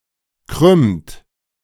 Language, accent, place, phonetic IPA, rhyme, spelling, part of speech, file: German, Germany, Berlin, [kʁʏmt], -ʏmt, krümmt, verb, De-krümmt.ogg
- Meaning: inflection of krümmen: 1. second-person plural present 2. third-person singular present 3. plural imperative